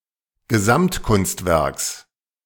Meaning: genitive of Gesamtkunstwerk
- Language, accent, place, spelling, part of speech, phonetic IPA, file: German, Germany, Berlin, Gesamtkunstwerks, noun, [ɡəˈzamtˌkʊnstvɛʁks], De-Gesamtkunstwerks.ogg